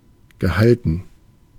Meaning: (verb) past participle of halten; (adjective) restrained, low-key
- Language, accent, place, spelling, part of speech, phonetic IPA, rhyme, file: German, Germany, Berlin, gehalten, adjective / verb, [ɡəˈhaltn̩], -altn̩, De-gehalten.ogg